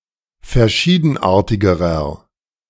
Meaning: inflection of verschiedenartig: 1. strong/mixed nominative masculine singular comparative degree 2. strong genitive/dative feminine singular comparative degree
- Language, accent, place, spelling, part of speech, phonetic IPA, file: German, Germany, Berlin, verschiedenartigerer, adjective, [fɛɐ̯ˈʃiːdn̩ˌʔaːɐ̯tɪɡəʁɐ], De-verschiedenartigerer.ogg